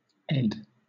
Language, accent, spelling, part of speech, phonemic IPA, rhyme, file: English, Southern England, ed, noun, /ɛd/, -ɛd, LL-Q1860 (eng)-ed.wav
- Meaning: 1. edition 2. editor 3. education (uncountable)